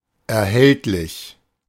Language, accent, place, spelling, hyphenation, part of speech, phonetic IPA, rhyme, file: German, Germany, Berlin, erhältlich, er‧hält‧lich, adjective, [ɛɐ̯ˈhɛltlɪç], -ɛltlɪç, De-erhältlich.ogg
- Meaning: available, obtainable